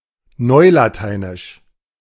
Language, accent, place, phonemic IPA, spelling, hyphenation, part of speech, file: German, Germany, Berlin, /ˈnɔɪ̯lataɪ̯nɪʃ/, neulateinisch, neu‧la‧tei‧nisch, adjective, De-neulateinisch.ogg
- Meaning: New Latin (of the chronolect)